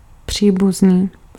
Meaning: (adjective) related to, akin; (noun) relative, relation (someone in the same family)
- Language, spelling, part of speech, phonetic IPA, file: Czech, příbuzný, adjective / noun, [ˈpr̝̊iːbuzniː], Cs-příbuzný.ogg